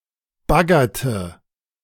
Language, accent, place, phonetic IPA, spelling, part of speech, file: German, Germany, Berlin, [ˈbaɡɐtə], baggerte, verb, De-baggerte.ogg
- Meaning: inflection of baggern: 1. first/third-person singular preterite 2. first/third-person singular subjunctive II